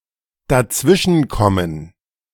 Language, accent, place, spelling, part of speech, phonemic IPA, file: German, Germany, Berlin, dazwischenkommen, verb, /daˈtsvɪʃn̩kɔmən/, De-dazwischenkommen.ogg
- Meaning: to get in the way